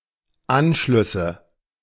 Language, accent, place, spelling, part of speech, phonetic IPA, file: German, Germany, Berlin, Anschlüsse, noun, [ˈanʃlʏsə], De-Anschlüsse.ogg
- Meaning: nominative/accusative/genitive plural of Anschluss